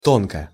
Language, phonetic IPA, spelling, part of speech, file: Russian, [ˈtonkə], тонко, adverb / adjective, Ru-тонко.ogg
- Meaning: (adverb) 1. thinly (not thickly) 2. subtly 3. delicately, finely (e.g. of produced workmanship); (adjective) short neuter singular of то́нкий (tónkij)